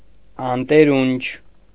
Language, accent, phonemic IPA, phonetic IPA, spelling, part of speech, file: Armenian, Eastern Armenian, /ɑnteˈɾunt͡ʃʰ/, [ɑnteɾúnt͡ʃʰ], անտերունչ, adjective, Hy-անտերունչ.ogg
- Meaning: ownerless, unowned, helpless